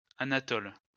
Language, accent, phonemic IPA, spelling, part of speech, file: French, France, /a.na.tɔl/, Anatole, proper noun, LL-Q150 (fra)-Anatole.wav
- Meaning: a male given name from Ancient Greek